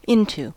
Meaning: 1. To or towards the inside of 2. To or towards the region of 3. To the condition or state 4. Against, especially with force or violence 5. Indicates transition into another form or substance
- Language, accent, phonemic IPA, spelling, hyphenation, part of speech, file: English, US, /ˈɪn.tu/, into, in‧to, preposition, En-us-into.ogg